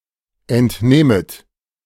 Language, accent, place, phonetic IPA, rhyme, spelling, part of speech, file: German, Germany, Berlin, [ɛntˈneːmət], -eːmət, entnehmet, verb, De-entnehmet.ogg
- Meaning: second-person plural subjunctive I of entnehmen